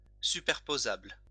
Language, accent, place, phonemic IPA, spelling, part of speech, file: French, France, Lyon, /sy.pɛʁ.po.zabl/, superposable, adjective, LL-Q150 (fra)-superposable.wav
- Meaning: superposable